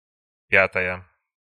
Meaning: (adjective) feminine singular nominative of пя́тый (pjátyj); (noun) fifth (one of five equal parts of a whole)
- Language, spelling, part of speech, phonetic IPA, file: Russian, пятая, adjective / noun, [ˈpʲatəjə], Ru-пятая.ogg